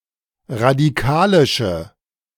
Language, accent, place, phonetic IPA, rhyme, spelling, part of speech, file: German, Germany, Berlin, [ʁadiˈkaːlɪʃə], -aːlɪʃə, radikalische, adjective, De-radikalische.ogg
- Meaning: inflection of radikalisch: 1. strong/mixed nominative/accusative feminine singular 2. strong nominative/accusative plural 3. weak nominative all-gender singular